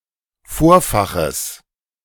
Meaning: genitive singular of Vorfach
- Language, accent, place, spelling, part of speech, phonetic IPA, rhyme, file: German, Germany, Berlin, Vorfaches, noun, [ˈfoːɐ̯faxəs], -oːɐ̯faxəs, De-Vorfaches.ogg